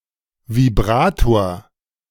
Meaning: vibrator (device that vibrates or causes vibration for whichever purpose)
- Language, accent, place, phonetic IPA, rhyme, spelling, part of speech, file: German, Germany, Berlin, [viˈbʁaːtoːɐ̯], -aːtoːɐ̯, Vibrator, noun, De-Vibrator.ogg